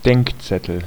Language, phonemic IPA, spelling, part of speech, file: German, /ˈdɛŋkˌtsɛtəl/, Denkzettel, noun, De-Denkzettel.ogg
- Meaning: punishment, reprehension, beating (most often: so as to intimidate and deter)